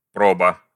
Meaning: 1. trial, test 2. audition, tryout (e.g. for a role) 3. assay, sample 4. fineness (of precious metal) 5. hallmark, assay stamp
- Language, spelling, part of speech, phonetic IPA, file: Russian, проба, noun, [ˈprobə], Ru-проба.ogg